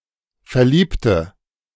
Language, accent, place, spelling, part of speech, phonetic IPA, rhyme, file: German, Germany, Berlin, verliebte, adjective / verb, [fɛɐ̯ˈliːptə], -iːptə, De-verliebte.ogg
- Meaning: inflection of verlieben: 1. first/third-person singular preterite 2. first/third-person singular subjunctive II